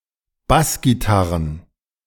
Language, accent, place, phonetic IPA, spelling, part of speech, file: German, Germany, Berlin, [ˈbasɡiˌtaʁən], Bassgitarren, noun, De-Bassgitarren.ogg
- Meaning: plural of Bassgitarre